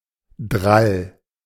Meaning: 1. spin; twist 2. rifling 3. angular momentum
- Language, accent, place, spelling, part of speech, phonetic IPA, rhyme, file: German, Germany, Berlin, Drall, noun, [dʁal], -al, De-Drall.ogg